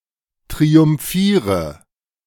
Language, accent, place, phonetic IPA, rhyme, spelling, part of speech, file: German, Germany, Berlin, [tʁiʊmˈfiːʁə], -iːʁə, triumphiere, verb, De-triumphiere.ogg
- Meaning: inflection of triumphieren: 1. first-person singular present 2. singular imperative 3. first/third-person singular subjunctive I